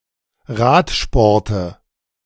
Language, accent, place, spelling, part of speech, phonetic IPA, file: German, Germany, Berlin, Radsporte, noun, [ˈʁaːtʃpɔʁtə], De-Radsporte.ogg
- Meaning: nominative/accusative/genitive plural of Radsport